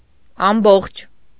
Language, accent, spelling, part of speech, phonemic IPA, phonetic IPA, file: Armenian, Eastern Armenian, ամբողջ, adjective / noun, /ɑmˈboχt͡ʃʰ/, [ɑmbóχt͡ʃʰ], Hy-ամբողջ.ogg
- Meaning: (adjective) 1. entire, whole, all 2. whole, complete, without deficit 3. whole, without interruptions; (noun) entirety, wholeness, totality, completeness